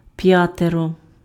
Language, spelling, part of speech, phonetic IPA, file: Ukrainian, п'ятеро, numeral, [ˈpjaterɔ], Uk-п'ятеро.ogg
- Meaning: five